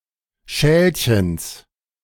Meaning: genitive of Schälchen
- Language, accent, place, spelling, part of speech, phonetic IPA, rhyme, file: German, Germany, Berlin, Schälchens, noun, [ˈʃɛːlçəns], -ɛːlçəns, De-Schälchens.ogg